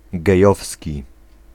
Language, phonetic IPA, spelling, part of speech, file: Polish, [ɡɛˈjɔfsʲci], gejowski, adjective, Pl-gejowski.ogg